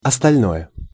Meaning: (noun) the rest; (adjective) nominative/accusative neuter singular of остально́й (ostalʹnój)
- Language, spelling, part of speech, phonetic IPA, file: Russian, остальное, noun / adjective, [ɐstɐlʲˈnojə], Ru-остальное.ogg